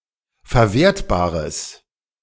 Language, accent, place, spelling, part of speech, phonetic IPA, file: German, Germany, Berlin, verwertbares, adjective, [fɛɐ̯ˈveːɐ̯tbaːʁəs], De-verwertbares.ogg
- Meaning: strong/mixed nominative/accusative neuter singular of verwertbar